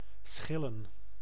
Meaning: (verb) to peel, pare (e.g. an apple); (noun) plural of schil
- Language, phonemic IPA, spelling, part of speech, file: Dutch, /ˈsxɪ.lə(n)/, schillen, verb / noun, Nl-schillen.ogg